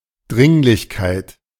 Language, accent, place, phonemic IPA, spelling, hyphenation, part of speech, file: German, Germany, Berlin, /ˈdʁɪŋlɪçˌkaɪ̯t/, Dringlichkeit, Dring‧lich‧keit, noun, De-Dringlichkeit.ogg
- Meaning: urgency